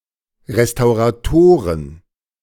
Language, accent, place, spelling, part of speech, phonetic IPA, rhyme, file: German, Germany, Berlin, Restauratoren, noun, [ʁestaʊ̯ʁaˈtoːʁən], -oːʁən, De-Restauratoren.ogg
- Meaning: plural of Restaurator